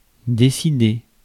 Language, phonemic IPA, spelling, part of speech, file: French, /de.si.de/, décider, verb, Fr-décider.ogg
- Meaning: 1. to decide 2. to persuade, convince (someone) 3. to make a decision, to make up one's mind